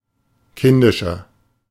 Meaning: 1. comparative degree of kindisch 2. inflection of kindisch: strong/mixed nominative masculine singular 3. inflection of kindisch: strong genitive/dative feminine singular
- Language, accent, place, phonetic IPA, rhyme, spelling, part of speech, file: German, Germany, Berlin, [ˈkɪndɪʃɐ], -ɪndɪʃɐ, kindischer, adjective, De-kindischer.ogg